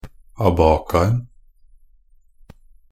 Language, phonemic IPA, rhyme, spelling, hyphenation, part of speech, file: Norwegian Bokmål, /aˈbɑːkan̩/, -an̩, abacaen, a‧ba‧ca‧en, noun, NB - Pronunciation of Norwegian Bokmål «abacaen».ogg
- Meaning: definite singular of abaca